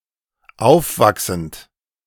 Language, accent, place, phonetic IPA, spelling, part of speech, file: German, Germany, Berlin, [ˈaʊ̯fˌvaksn̩t], aufwachsend, verb, De-aufwachsend.ogg
- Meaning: present participle of aufwachsen